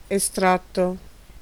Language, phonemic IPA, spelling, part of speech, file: Italian, /eˈstratto/, estratto, adjective / noun / verb, It-estratto.ogg